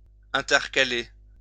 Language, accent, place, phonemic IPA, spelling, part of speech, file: French, France, Lyon, /ɛ̃.tɛʁ.ka.le/, intercaler, verb, LL-Q150 (fra)-intercaler.wav
- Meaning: 1. to intercalate (add an extra day) 2. to insert 3. to join in a ruck